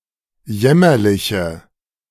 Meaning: inflection of jämmerlich: 1. strong/mixed nominative/accusative feminine singular 2. strong nominative/accusative plural 3. weak nominative all-gender singular
- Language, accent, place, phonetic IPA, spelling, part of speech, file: German, Germany, Berlin, [ˈjɛmɐlɪçə], jämmerliche, adjective, De-jämmerliche.ogg